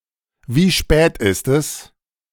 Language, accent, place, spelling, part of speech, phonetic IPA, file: German, Germany, Berlin, wie spät ist es, phrase, [ˈviː ʃpɛːt ɪst ɛs], De-wie spät ist es.ogg
- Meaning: what time is it?